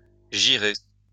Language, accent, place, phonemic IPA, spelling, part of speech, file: French, France, Lyon, /ʒi.ʁe/, girer, verb, LL-Q150 (fra)-girer.wav
- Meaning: to turn